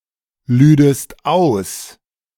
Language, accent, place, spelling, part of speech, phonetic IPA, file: German, Germany, Berlin, lüdest aus, verb, [ˌlyːdəst ˈaʊ̯s], De-lüdest aus.ogg
- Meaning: second-person singular subjunctive II of ausladen